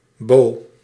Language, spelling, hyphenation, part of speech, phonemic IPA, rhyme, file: Dutch, Bo, Bo, proper noun, /boː/, -oː, Nl-Bo.ogg
- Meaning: a male given name